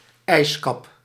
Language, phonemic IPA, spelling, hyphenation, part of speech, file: Dutch, /ˈɛi̯s.kɑp/, ijskap, ijs‧kap, noun, Nl-ijskap.ogg
- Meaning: ice cap, ice sheet